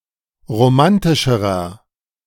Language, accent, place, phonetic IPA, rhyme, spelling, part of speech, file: German, Germany, Berlin, [ʁoˈmantɪʃəʁɐ], -antɪʃəʁɐ, romantischerer, adjective, De-romantischerer.ogg
- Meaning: inflection of romantisch: 1. strong/mixed nominative masculine singular comparative degree 2. strong genitive/dative feminine singular comparative degree 3. strong genitive plural comparative degree